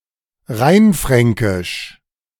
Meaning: Rhine Franconian
- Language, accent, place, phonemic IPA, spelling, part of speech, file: German, Germany, Berlin, /ˈʁaɪ̯nˌfʁɛŋkɪʃ/, rheinfränkisch, adjective, De-rheinfränkisch.ogg